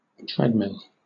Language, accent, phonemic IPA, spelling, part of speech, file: English, Southern England, /ˈtɹɛd.mɪl/, treadmill, noun / verb, LL-Q1860 (eng)-treadmill.wav
- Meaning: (noun) A piece of indoor sporting equipment used to allow for the motions of running or walking while staying in one place